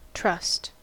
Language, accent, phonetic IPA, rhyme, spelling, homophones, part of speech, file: English, General American, [t͡ʃʰɹ̥ʌst], -ʌst, trust, trussed, noun / verb / interjection / adjective, En-us-trust.ogg
- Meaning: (noun) 1. Confidence in or reliance on some person or quality 2. Dependence upon something in the future; hope 3. Confidence in the future payment for goods or services supplied; credit